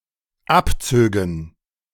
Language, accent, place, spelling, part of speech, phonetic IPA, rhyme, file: German, Germany, Berlin, abzögen, verb, [ˈapˌt͡søːɡn̩], -apt͡søːɡn̩, De-abzögen.ogg
- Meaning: first/third-person plural dependent subjunctive II of abziehen